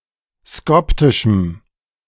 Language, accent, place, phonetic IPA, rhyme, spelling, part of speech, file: German, Germany, Berlin, [ˈskɔptɪʃm̩], -ɔptɪʃm̩, skoptischem, adjective, De-skoptischem.ogg
- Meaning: strong dative masculine/neuter singular of skoptisch